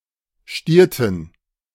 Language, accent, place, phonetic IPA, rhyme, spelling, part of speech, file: German, Germany, Berlin, [ˈʃtiːɐ̯tn̩], -iːɐ̯tn̩, stierten, verb, De-stierten.ogg
- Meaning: inflection of stieren: 1. first/third-person plural preterite 2. first/third-person plural subjunctive II